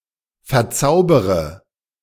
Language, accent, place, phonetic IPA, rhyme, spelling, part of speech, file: German, Germany, Berlin, [fɛɐ̯ˈt͡saʊ̯bəʁə], -aʊ̯bəʁə, verzaubere, verb, De-verzaubere.ogg
- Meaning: inflection of verzaubern: 1. first-person singular present 2. first/third-person singular subjunctive I 3. singular imperative